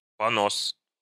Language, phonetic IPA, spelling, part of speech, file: Russian, [pɐˈnos], понос, noun, Ru-понос.ogg
- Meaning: 1. diarrhea 2. too much of something that is incapable to stop itself